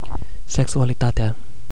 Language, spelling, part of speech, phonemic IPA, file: Romanian, sexualitatea, noun, /seksualiˈtate̯a/, Ro-sexualitatea.ogg
- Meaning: definite nominative/accusative singular of sexualitate